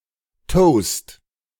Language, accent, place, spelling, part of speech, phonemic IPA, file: German, Germany, Berlin, Toast, noun, /toːst/, De-Toast.ogg
- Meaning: 1. toast (salutation) 2. toast (toasted bread) 3. soft, roughly square white bread, toasted or not